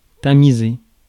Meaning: to sieve, to sift (use a sieve)
- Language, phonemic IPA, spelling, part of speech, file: French, /ta.mi.ze/, tamiser, verb, Fr-tamiser.ogg